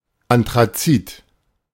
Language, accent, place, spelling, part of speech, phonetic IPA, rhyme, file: German, Germany, Berlin, anthrazit, adjective, [antʁaˈt͡siːt], -iːt, De-anthrazit.ogg
- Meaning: anthracite